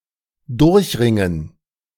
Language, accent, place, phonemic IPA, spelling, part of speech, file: German, Germany, Berlin, /ˈdʊʁçʁɪŋən/, durchringen, verb, De-durchringen.ogg
- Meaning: finally to make up one's mind